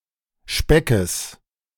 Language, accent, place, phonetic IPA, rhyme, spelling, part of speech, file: German, Germany, Berlin, [ˈʃpɛkəs], -ɛkəs, Speckes, noun, De-Speckes.ogg
- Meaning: genitive singular of Speck